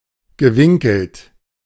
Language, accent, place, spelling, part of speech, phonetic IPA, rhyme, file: German, Germany, Berlin, gewinkelt, verb, [ɡəˈvɪŋkl̩t], -ɪŋkl̩t, De-gewinkelt.ogg
- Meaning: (verb) past participle of winkeln; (adjective) angled (bent at an angle)